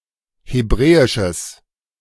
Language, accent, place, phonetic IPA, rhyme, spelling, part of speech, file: German, Germany, Berlin, [heˈbʁɛːɪʃəs], -ɛːɪʃəs, hebräisches, adjective, De-hebräisches.ogg
- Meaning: strong/mixed nominative/accusative neuter singular of hebräisch